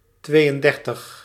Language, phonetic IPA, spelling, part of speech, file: Dutch, [ˈtʋeː.jən.ˌdɛr.təx], tweeëndertig, numeral, Nl-tweeëndertig.ogg
- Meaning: thirty-two